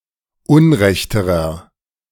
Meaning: inflection of unrecht: 1. strong/mixed nominative masculine singular comparative degree 2. strong genitive/dative feminine singular comparative degree 3. strong genitive plural comparative degree
- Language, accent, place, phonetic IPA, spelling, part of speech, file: German, Germany, Berlin, [ˈʊnˌʁɛçtəʁɐ], unrechterer, adjective, De-unrechterer.ogg